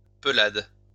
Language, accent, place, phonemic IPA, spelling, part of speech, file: French, France, Lyon, /pə.lad/, pelade, noun, LL-Q150 (fra)-pelade.wav
- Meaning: alopecia